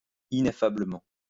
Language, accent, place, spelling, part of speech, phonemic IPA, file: French, France, Lyon, ineffablement, adverb, /i.ne.fa.blə.mɑ̃/, LL-Q150 (fra)-ineffablement.wav
- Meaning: ineffably